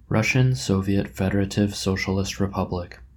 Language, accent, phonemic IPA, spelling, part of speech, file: English, US, /ˈɹʌʃən ˈsoʊvjət ˈfɛdɚˌɹeɪtɪv ˈsoʊʃəlɪst ɹəˈpʌblɪk/, Russian Soviet Federative Socialist Republic, proper noun, En-us-Russian Soviet Federative Socialist Republic.oga